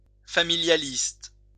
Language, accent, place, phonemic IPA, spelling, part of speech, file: French, France, Lyon, /fa.mi.lja.list/, familialiste, adjective, LL-Q150 (fra)-familialiste.wav
- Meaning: familialist